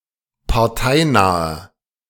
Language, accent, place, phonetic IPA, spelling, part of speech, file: German, Germany, Berlin, [paʁˈtaɪ̯naːɐ], parteinaher, adjective, De-parteinaher.ogg
- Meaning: inflection of parteinah: 1. strong/mixed nominative masculine singular 2. strong genitive/dative feminine singular 3. strong genitive plural